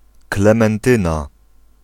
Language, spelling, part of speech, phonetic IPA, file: Polish, Klementyna, proper noun / noun, [ˌklɛ̃mɛ̃nˈtɨ̃na], Pl-Klementyna.ogg